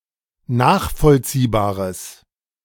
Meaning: strong/mixed nominative/accusative neuter singular of nachvollziehbar
- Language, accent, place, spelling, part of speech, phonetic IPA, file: German, Germany, Berlin, nachvollziehbares, adjective, [ˈnaːxfɔlt͡siːbaːʁəs], De-nachvollziehbares.ogg